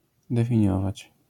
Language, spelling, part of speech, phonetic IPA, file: Polish, definiować, verb, [ˌdɛfʲĩˈɲɔvat͡ɕ], LL-Q809 (pol)-definiować.wav